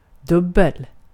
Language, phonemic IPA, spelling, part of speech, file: Swedish, /ˈdɵbɛl/, dubbel, adjective, Sv-dubbel.ogg
- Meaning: double